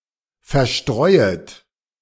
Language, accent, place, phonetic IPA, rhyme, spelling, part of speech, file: German, Germany, Berlin, [fɛɐ̯ˈʃtʁɔɪ̯ət], -ɔɪ̯ət, verstreuet, verb, De-verstreuet.ogg
- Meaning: second-person plural subjunctive I of verstreuen